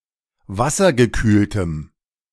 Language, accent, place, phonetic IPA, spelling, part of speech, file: German, Germany, Berlin, [ˈvasɐɡəˌkyːltəm], wassergekühltem, adjective, De-wassergekühltem.ogg
- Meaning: strong dative masculine/neuter singular of wassergekühlt